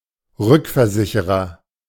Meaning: reinsurer
- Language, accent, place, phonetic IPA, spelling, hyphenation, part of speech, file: German, Germany, Berlin, [ˈʁʏkfɛɐ̯ˌzɪçəʁɐ], Rückversicherer, Rück‧ver‧si‧che‧rer, noun, De-Rückversicherer.ogg